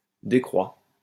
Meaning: third-person singular present indicative of décroître
- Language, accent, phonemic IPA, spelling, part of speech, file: French, France, /de.kʁwa/, décroît, verb, LL-Q150 (fra)-décroît.wav